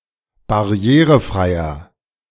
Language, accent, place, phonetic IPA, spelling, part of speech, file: German, Germany, Berlin, [baˈʁi̯eːʁəˌfʁaɪ̯ɐ], barrierefreier, adjective, De-barrierefreier.ogg
- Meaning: 1. comparative degree of barrierefrei 2. inflection of barrierefrei: strong/mixed nominative masculine singular 3. inflection of barrierefrei: strong genitive/dative feminine singular